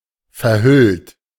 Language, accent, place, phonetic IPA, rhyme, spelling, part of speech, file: German, Germany, Berlin, [fɛɐ̯ˈhʏlt], -ʏlt, verhüllt, verb, De-verhüllt.ogg
- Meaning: 1. past participle of verhüllen 2. inflection of verhüllen: third-person singular present 3. inflection of verhüllen: second-person plural present 4. inflection of verhüllen: plural imperative